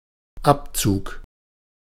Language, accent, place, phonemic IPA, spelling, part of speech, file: German, Germany, Berlin, /ˈapˌt͡suːk/, Abzug, noun, De-Abzug.ogg
- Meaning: 1. trigger (of a gun) 2. hood, fume hood (covering of a vent to suck away smoke or fumes) 3. print, copy